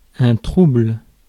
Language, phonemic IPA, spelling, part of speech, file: French, /tʁubl/, trouble, noun / adjective / verb, Fr-trouble.ogg
- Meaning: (noun) 1. trouble 2. disorder; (adjective) murky, turbid, muddy, thick, clouded, cloudy; not clear; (verb) inflection of troubler: first/third-person singular present indicative/subjunctive